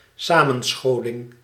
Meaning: 1. an assembly, a group of people gathered, usually in public 2. the act or process of assembling, of gathering together, usually in public
- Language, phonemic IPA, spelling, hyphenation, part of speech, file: Dutch, /ˈsaː.mə(n)ˌsxoː.lɪŋ/, samenscholing, sa‧men‧scho‧ling, noun, Nl-samenscholing.ogg